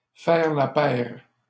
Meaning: to make quite a duo, to be two of a kind
- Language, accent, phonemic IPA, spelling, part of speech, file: French, Canada, /fɛʁ la pɛʁ/, faire la paire, verb, LL-Q150 (fra)-faire la paire.wav